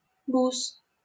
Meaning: 1. small precipitation 2. a drunk man 3. a bus, sometimes a minibus 4. genitive of бу́сы (búsy)
- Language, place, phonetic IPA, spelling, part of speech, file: Russian, Saint Petersburg, [bus], бус, noun, LL-Q7737 (rus)-бус.wav